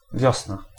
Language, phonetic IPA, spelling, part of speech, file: Polish, [ˈvʲjɔsna], wiosna, noun, Pl-wiosna.ogg